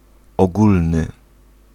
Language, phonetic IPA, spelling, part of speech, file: Polish, [ɔˈɡulnɨ], ogólny, adjective, Pl-ogólny.ogg